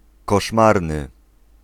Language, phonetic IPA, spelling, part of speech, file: Polish, [kɔʃˈmarnɨ], koszmarny, adjective, Pl-koszmarny.ogg